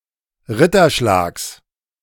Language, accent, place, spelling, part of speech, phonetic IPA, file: German, Germany, Berlin, Ritterschlags, noun, [ˈʁɪtɐˌʃlaːks], De-Ritterschlags.ogg
- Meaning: genitive singular of Ritterschlag